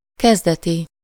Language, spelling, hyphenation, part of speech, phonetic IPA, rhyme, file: Hungarian, kezdeti, kez‧de‧ti, adjective, [ˈkɛzdɛti], -ti, Hu-kezdeti.ogg
- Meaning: of the beginning, early, initial